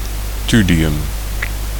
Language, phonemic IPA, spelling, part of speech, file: Dutch, /ˈtyliˌjʏm/, thulium, noun, Nl-thulium.ogg
- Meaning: thulium